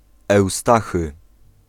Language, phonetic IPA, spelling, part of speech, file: Polish, [ɛwˈstaxɨ], Eustachy, proper noun, Pl-Eustachy.ogg